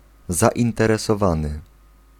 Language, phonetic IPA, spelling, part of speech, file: Polish, [ˌzaʲĩntɛrɛsɔˈvãnɨ], zainteresowany, verb / adjective / noun, Pl-zainteresowany.ogg